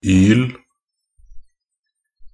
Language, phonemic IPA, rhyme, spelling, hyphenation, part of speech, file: Norwegian Bokmål, /yːl/, -yːl, -yl, -yl, suffix, Nb--yl.ogg
- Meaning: Used to form nouns denoting chemical compounds; -yl